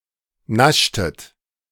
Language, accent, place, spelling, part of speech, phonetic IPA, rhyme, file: German, Germany, Berlin, naschtet, verb, [ˈnaʃtət], -aʃtət, De-naschtet.ogg
- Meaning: inflection of naschen: 1. second-person plural preterite 2. second-person plural subjunctive II